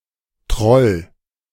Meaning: 1. troll 2. an ugly or boorish person
- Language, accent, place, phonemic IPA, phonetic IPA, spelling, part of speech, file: German, Germany, Berlin, /trɔl/, [tʁɔl], Troll, noun, De-Troll.ogg